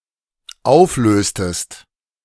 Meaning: inflection of auflösen: 1. second-person singular dependent preterite 2. second-person singular dependent subjunctive II
- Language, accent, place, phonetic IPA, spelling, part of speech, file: German, Germany, Berlin, [ˈaʊ̯fˌløːstəst], auflöstest, verb, De-auflöstest.ogg